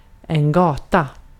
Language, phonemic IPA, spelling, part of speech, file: Swedish, /ˈɡɑːˌta/, gata, noun, Sv-gata.ogg
- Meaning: 1. a street 2. a passage, such as a forest glade, a mountain pass or a sea passage